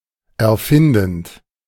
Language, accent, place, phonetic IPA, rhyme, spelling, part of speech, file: German, Germany, Berlin, [ɛɐ̯ˈfɪndn̩t], -ɪndn̩t, erfindend, verb, De-erfindend.ogg
- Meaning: present participle of erfinden